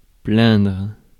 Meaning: 1. to pity 2. to complain
- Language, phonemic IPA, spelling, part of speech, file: French, /plɛ̃dʁ/, plaindre, verb, Fr-plaindre.ogg